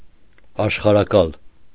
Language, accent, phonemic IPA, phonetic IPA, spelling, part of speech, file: Armenian, Eastern Armenian, /ɑʃχɑɾɑˈkɑl/, [ɑʃχɑɾɑkɑ́l], աշխարհակալ, noun / adjective, Hy-աշխարհակալ.ogg
- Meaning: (noun) great conqueror; emperor; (adjective) ruling an empire